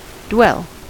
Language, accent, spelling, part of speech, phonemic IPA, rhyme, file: English, US, dwell, noun / verb, /dwɛl/, -ɛl, En-us-dwell.ogg
- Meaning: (noun) 1. A period of time in which a system or component remains in a given state 2. A brief pause in the motion of part of a mechanism to allow an operation to be completed